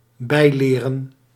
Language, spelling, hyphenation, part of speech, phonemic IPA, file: Dutch, bijleren, bij‧le‧ren, verb, /ˈbɛi̯leːrə(n)/, Nl-bijleren.ogg
- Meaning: to learn more, add to one's knowledge or skills